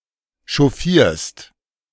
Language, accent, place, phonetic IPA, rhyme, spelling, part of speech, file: German, Germany, Berlin, [ʃɔˈfiːɐ̯st], -iːɐ̯st, chauffierst, verb, De-chauffierst.ogg
- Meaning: second-person singular present of chauffieren